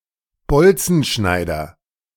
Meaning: bolt cutter
- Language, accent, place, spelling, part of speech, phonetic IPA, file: German, Germany, Berlin, Bolzenschneider, noun, [ˈbɔlt͡sn̩ˌʃnaɪ̯dɐ], De-Bolzenschneider.ogg